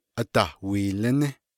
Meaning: Grand Falls (west of Leupp, Arizona)
- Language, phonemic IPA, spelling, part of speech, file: Navajo, /ʔɑ̀tɑ̀hwìːlɪ́nɪ́/, Adahwiilíní, proper noun, Nv-Adahwiilíní.ogg